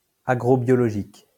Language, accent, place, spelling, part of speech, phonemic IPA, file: French, France, Lyon, agrobiologique, adjective, /a.ɡʁo.bjɔ.lɔ.ʒik/, LL-Q150 (fra)-agrobiologique.wav
- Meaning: agrobiological